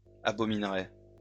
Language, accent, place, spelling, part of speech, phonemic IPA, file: French, France, Lyon, abominerais, verb, /a.bɔ.min.ʁɛ/, LL-Q150 (fra)-abominerais.wav
- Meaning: first/second-person singular conditional of abominer